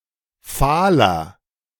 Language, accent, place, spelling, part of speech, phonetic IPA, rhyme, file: German, Germany, Berlin, fahler, adjective, [ˈfaːlɐ], -aːlɐ, De-fahler.ogg
- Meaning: 1. comparative degree of fahl 2. inflection of fahl: strong/mixed nominative masculine singular 3. inflection of fahl: strong genitive/dative feminine singular